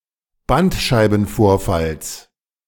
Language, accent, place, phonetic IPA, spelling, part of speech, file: German, Germany, Berlin, [ˈbantʃaɪ̯bn̩ˌfoːɐ̯fals], Bandscheibenvorfalls, noun, De-Bandscheibenvorfalls.ogg
- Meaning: genitive singular of Bandscheibenvorfall